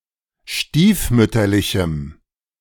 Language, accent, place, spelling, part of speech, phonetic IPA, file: German, Germany, Berlin, stiefmütterlichem, adjective, [ˈʃtiːfˌmʏtɐlɪçm̩], De-stiefmütterlichem.ogg
- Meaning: strong dative masculine/neuter singular of stiefmütterlich